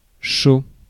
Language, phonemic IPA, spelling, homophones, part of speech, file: French, /ʃo/, chaud, chauds / chaut / chaux / cheau / cheaus/cheaux / Chooz / show / shows, adjective / noun, Fr-chaud.ogg
- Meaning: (adjective) 1. warm, hot 2. on heat 3. horny, randy (showing interest in sexual activity) 4. sexually attractive, sexy, hot 5. enthusiastic, willing, up for 6. hard, difficult